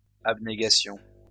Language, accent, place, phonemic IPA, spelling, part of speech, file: French, France, Lyon, /ab.ne.ɡa.sjɔ̃/, abnégations, noun, LL-Q150 (fra)-abnégations.wav
- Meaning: plural of abnégation